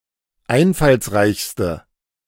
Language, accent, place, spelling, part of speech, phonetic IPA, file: German, Germany, Berlin, einfallsreichste, adjective, [ˈaɪ̯nfalsˌʁaɪ̯çstə], De-einfallsreichste.ogg
- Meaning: inflection of einfallsreich: 1. strong/mixed nominative/accusative feminine singular superlative degree 2. strong nominative/accusative plural superlative degree